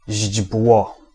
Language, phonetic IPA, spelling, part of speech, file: Polish, [ʑd͡ʑbwɔ], źdźbło, noun, Pl-źdźbło.ogg